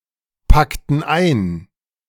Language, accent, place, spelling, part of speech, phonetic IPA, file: German, Germany, Berlin, packten ein, verb, [ˌpaktn̩ ˈaɪ̯n], De-packten ein.ogg
- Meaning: inflection of einpacken: 1. first/third-person plural preterite 2. first/third-person plural subjunctive II